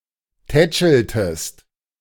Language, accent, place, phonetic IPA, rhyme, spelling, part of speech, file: German, Germany, Berlin, [ˈtɛt͡ʃl̩təst], -ɛt͡ʃl̩təst, tätscheltest, verb, De-tätscheltest.ogg
- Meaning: inflection of tätscheln: 1. second-person singular preterite 2. second-person singular subjunctive II